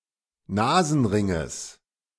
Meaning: genitive singular of Nasenring
- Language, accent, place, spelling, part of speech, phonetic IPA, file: German, Germany, Berlin, Nasenringes, noun, [ˈnaːzn̩ˌʁɪŋəs], De-Nasenringes.ogg